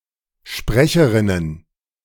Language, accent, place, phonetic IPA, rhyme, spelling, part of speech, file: German, Germany, Berlin, [ˈʃpʁɛçəʁɪnən], -ɛçəʁɪnən, Sprecherinnen, noun, De-Sprecherinnen.ogg
- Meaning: plural of Sprecherin